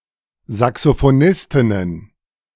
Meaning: plural of Saxophonistin
- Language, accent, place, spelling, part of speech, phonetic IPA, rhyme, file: German, Germany, Berlin, Saxophonistinnen, noun, [zaksofoˈnɪstɪnən], -ɪstɪnən, De-Saxophonistinnen.ogg